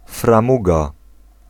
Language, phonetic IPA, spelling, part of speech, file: Polish, [frãˈmuɡa], framuga, noun, Pl-framuga.ogg